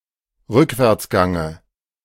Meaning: dative of Rückwärtsgang
- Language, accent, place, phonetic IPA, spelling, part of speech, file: German, Germany, Berlin, [ˈʁʏkvɛʁt͡sˌɡaŋə], Rückwärtsgange, noun, De-Rückwärtsgange.ogg